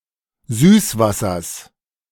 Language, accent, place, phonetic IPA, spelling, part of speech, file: German, Germany, Berlin, [ˈzyːsˌvasɐs], Süßwassers, noun, De-Süßwassers.ogg
- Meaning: genitive singular of Süßwasser